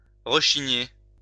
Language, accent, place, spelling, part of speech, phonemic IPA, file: French, France, Lyon, rechigner, verb, /ʁə.ʃi.ɲe/, LL-Q150 (fra)-rechigner.wav
- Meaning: to display reluctance